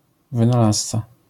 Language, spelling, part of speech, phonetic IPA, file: Polish, wynalazca, noun, [ˌvɨ̃naˈlast͡sa], LL-Q809 (pol)-wynalazca.wav